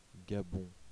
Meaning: Gabon (a country in Central Africa)
- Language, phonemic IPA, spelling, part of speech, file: French, /ɡa.bɔ̃/, Gabon, proper noun, Fr-Gabon.oga